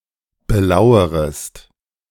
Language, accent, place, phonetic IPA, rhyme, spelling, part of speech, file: German, Germany, Berlin, [bəˈlaʊ̯əʁəst], -aʊ̯əʁəst, belauerest, verb, De-belauerest.ogg
- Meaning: second-person singular subjunctive I of belauern